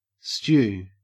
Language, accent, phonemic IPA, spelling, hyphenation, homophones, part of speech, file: English, Australia, /stʃʉː/, stew, stew, stu / Stew / Stu, noun / verb, En-au-stew.ogg
- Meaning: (noun) 1. A cooking-dish used for boiling; a cauldron 2. A heated bath-room or steam-room; also, a hot bath 3. A brothel 4. A prostitute 5. A dish cooked by stewing